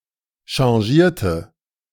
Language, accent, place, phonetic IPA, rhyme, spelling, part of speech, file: German, Germany, Berlin, [ʃɑ̃ˈʒiːɐ̯tə], -iːɐ̯tə, changierte, verb, De-changierte.ogg
- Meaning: inflection of changieren: 1. first/third-person singular preterite 2. first/third-person singular subjunctive II